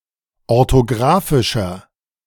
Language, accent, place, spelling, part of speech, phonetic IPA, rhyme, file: German, Germany, Berlin, orthografischer, adjective, [ɔʁtoˈɡʁaːfɪʃɐ], -aːfɪʃɐ, De-orthografischer.ogg
- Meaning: inflection of orthografisch: 1. strong/mixed nominative masculine singular 2. strong genitive/dative feminine singular 3. strong genitive plural